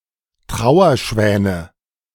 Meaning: nominative/accusative/genitive plural of Trauerschwan
- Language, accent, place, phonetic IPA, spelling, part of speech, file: German, Germany, Berlin, [ˈtʁaʊ̯ɐˌʃvɛːnə], Trauerschwäne, noun, De-Trauerschwäne.ogg